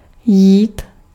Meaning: 1. to walk, go (on foot) 2. to work, do, suffice 3. can, to be possible 4. to concern, matter, interest (to be at issue, to be at stake)
- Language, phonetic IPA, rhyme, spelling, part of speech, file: Czech, [ˈjiːt], -iːt, jít, verb, Cs-jít.ogg